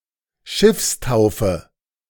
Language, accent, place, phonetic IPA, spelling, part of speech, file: German, Germany, Berlin, [ˈʃɪfsˌtaʊ̯fə], Schiffstaufe, noun, De-Schiffstaufe.ogg
- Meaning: ship christening